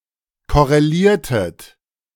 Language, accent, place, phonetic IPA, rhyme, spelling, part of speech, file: German, Germany, Berlin, [ˌkɔʁeˈliːɐ̯tət], -iːɐ̯tət, korreliertet, verb, De-korreliertet.ogg
- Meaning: inflection of korrelieren: 1. second-person plural preterite 2. second-person plural subjunctive II